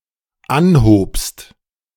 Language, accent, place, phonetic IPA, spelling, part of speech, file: German, Germany, Berlin, [ˈanhoːpst], anhobst, verb, De-anhobst.ogg
- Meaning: second-person singular dependent preterite of anheben